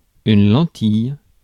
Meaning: 1. lens 2. contact lens 3. lentil (plant)
- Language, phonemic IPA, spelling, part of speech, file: French, /lɑ̃.tij/, lentille, noun, Fr-lentille.ogg